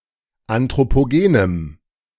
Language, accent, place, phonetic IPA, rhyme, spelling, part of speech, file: German, Germany, Berlin, [ˌantʁopoˈɡeːnəm], -eːnəm, anthropogenem, adjective, De-anthropogenem.ogg
- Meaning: strong dative masculine/neuter singular of anthropogen